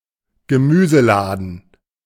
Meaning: greengrocery, a greengrocer's shop
- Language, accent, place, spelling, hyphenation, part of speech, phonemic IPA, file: German, Germany, Berlin, Gemüseladen, Ge‧mü‧se‧la‧den, noun, /ɡəˈmyːzəˌlaːdn̩/, De-Gemüseladen.ogg